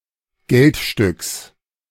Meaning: genitive singular of Geldstück
- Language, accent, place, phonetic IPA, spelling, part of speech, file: German, Germany, Berlin, [ˈɡɛltˌʃtʏks], Geldstücks, noun, De-Geldstücks.ogg